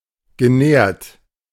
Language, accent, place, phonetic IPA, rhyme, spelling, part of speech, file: German, Germany, Berlin, [ɡəˈnɛːɐ̯t], -ɛːɐ̯t, genährt, verb, De-genährt.ogg
- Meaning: past participle of nähren